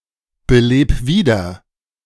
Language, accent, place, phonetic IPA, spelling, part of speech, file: German, Germany, Berlin, [bəˌleːp ˈviːdɐ], beleb wieder, verb, De-beleb wieder.ogg
- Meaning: 1. singular imperative of wiederbeleben 2. first-person singular present of wiederbeleben